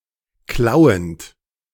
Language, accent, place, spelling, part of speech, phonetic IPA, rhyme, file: German, Germany, Berlin, klauend, verb, [ˈklaʊ̯ənt], -aʊ̯ənt, De-klauend.ogg
- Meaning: present participle of klauen